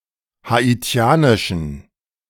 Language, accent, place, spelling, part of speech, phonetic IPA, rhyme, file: German, Germany, Berlin, haitianischen, adjective, [haˌiˈt͡si̯aːnɪʃn̩], -aːnɪʃn̩, De-haitianischen.ogg
- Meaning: inflection of haitianisch: 1. strong genitive masculine/neuter singular 2. weak/mixed genitive/dative all-gender singular 3. strong/weak/mixed accusative masculine singular 4. strong dative plural